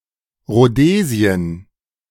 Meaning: Rhodesia
- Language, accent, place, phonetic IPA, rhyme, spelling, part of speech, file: German, Germany, Berlin, [ʁoˈdeːzi̯ən], -eːzi̯ən, Rhodesien, proper noun, De-Rhodesien.ogg